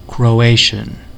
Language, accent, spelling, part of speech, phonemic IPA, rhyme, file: English, US, Croatian, adjective / noun / proper noun, /ˌkɹoʊˈeɪ.ʃən/, -eɪʃən, En-us-Croatian.ogg
- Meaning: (adjective) Of or pertaining to Croatia, the Croatian people or their language; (noun) An inhabitant of Croatia, or a person of Croatian descent